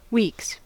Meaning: plural of week
- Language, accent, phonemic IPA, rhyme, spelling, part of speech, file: English, US, /wiːks/, -iːks, weeks, noun, En-us-weeks.ogg